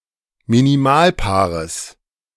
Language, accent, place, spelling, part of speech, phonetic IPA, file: German, Germany, Berlin, Minimalpaares, noun, [miniˈmaːlˌpaːʁəs], De-Minimalpaares.ogg
- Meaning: genitive singular of Minimalpaar